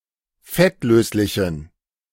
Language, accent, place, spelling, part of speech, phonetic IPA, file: German, Germany, Berlin, fettlöslichen, adjective, [ˈfɛtˌløːslɪçn̩], De-fettlöslichen.ogg
- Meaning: inflection of fettlöslich: 1. strong genitive masculine/neuter singular 2. weak/mixed genitive/dative all-gender singular 3. strong/weak/mixed accusative masculine singular 4. strong dative plural